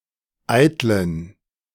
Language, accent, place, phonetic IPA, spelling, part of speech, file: German, Germany, Berlin, [ˈaɪ̯tlən], eitlen, adjective, De-eitlen.ogg
- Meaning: inflection of eitel: 1. strong genitive masculine/neuter singular 2. weak/mixed genitive/dative all-gender singular 3. strong/weak/mixed accusative masculine singular 4. strong dative plural